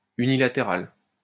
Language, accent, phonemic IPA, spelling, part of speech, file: French, France, /y.ni.la.te.ʁal/, unilatéral, adjective, LL-Q150 (fra)-unilatéral.wav
- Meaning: unilateral